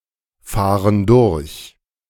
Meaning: inflection of durchfahren: 1. first/third-person plural present 2. first/third-person plural subjunctive I
- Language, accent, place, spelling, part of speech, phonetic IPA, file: German, Germany, Berlin, fahren durch, verb, [ˌfaːʁən ˈdʊʁç], De-fahren durch.ogg